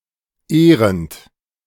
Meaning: present participle of ehren
- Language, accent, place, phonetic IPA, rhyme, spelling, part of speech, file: German, Germany, Berlin, [ˈeːʁənt], -eːʁənt, ehrend, verb, De-ehrend.ogg